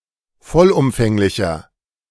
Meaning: inflection of vollumfänglich: 1. strong/mixed nominative masculine singular 2. strong genitive/dative feminine singular 3. strong genitive plural
- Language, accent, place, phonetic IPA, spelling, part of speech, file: German, Germany, Berlin, [ˈfɔlʔʊmfɛŋlɪçɐ], vollumfänglicher, adjective, De-vollumfänglicher.ogg